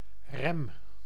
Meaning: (noun) brake; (verb) inflection of remmen: 1. first-person singular present indicative 2. second-person singular present indicative 3. imperative
- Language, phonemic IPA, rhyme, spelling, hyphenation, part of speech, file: Dutch, /rɛm/, -ɛm, rem, rem, noun / verb, Nl-rem.ogg